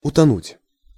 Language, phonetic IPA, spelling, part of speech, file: Russian, [ʊtɐˈnutʲ], утонуть, verb, Ru-утонуть.ogg
- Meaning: 1. to sink, to go down, to drown 2. to be lost